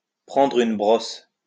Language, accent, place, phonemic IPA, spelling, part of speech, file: French, France, Lyon, /pʁɑ̃.dʁ‿yn bʁɔs/, prendre une brosse, verb, LL-Q150 (fra)-prendre une brosse.wav
- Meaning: to get wasted, drunk, smashed